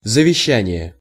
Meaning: will (formal document)
- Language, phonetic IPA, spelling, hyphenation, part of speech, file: Russian, [zəvʲɪˈɕːænʲɪje], завещание, за‧ве‧ща‧ни‧е, noun, Ru-завещание.ogg